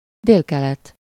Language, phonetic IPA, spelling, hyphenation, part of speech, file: Hungarian, [ˈdeːlkɛlɛt], délkelet, dél‧ke‧let, noun, Hu-délkelet.ogg
- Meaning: southeast